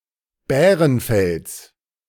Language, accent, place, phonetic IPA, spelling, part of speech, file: German, Germany, Berlin, [ˈbɛːʁənˌfɛls], Bärenfells, noun, De-Bärenfells.ogg
- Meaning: genitive singular of Bärenfell